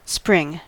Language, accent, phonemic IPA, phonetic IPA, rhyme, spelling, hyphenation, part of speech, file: English, General American, /ˈspɹɪŋ/, [ˈspɹʷɪŋ], -ɪŋ, spring, spring, verb / noun, En-us-spring.ogg
- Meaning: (verb) 1. To move or burst forth 2. To move or burst forth.: To appear 3. To move or burst forth.: To grow, to sprout 4. To move or burst forth.: To grow, to sprout.: To mature